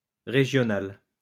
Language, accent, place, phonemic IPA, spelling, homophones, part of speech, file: French, France, Lyon, /ʁe.ʒjɔ.nal/, régionale, régional / régionales, adjective, LL-Q150 (fra)-régionale.wav
- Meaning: feminine singular of régional